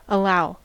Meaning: 1. To let one have as a suitable share of something 2. To present something as possible or reasonable 3. To permit, to give permission to 4. To not bar or obstruct
- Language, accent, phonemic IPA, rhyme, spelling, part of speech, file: English, US, /əˈlaʊ/, -aʊ, allow, verb, En-us-allow.ogg